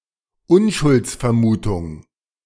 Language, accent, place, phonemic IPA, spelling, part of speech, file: German, Germany, Berlin, /ˈʊnʃʊlt͡sfɛɐ̯ˌmuːtʊŋ/, Unschuldsvermutung, noun, De-Unschuldsvermutung.ogg
- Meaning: presumption of innocence